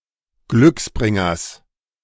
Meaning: genitive singular of Glücksbringer
- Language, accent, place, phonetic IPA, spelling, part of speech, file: German, Germany, Berlin, [ˈɡlʏksˌbʁɪŋɐs], Glücksbringers, noun, De-Glücksbringers.ogg